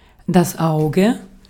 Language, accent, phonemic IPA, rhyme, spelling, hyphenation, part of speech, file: German, Austria, /ˈaʊ̯ɡə/, -aʊ̯ɡə, Auge, Au‧ge, noun, De-at-Auge.ogg
- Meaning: 1. eye 2. germ, bud; eye (potato) 3. dot, pip, spot 4. drop or globule of grease or fat